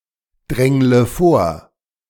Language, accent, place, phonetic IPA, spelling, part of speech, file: German, Germany, Berlin, [ˌdʁɛŋlə ˈfoːɐ̯], drängle vor, verb, De-drängle vor.ogg
- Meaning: inflection of vordrängeln: 1. first-person singular present 2. first/third-person singular subjunctive I 3. singular imperative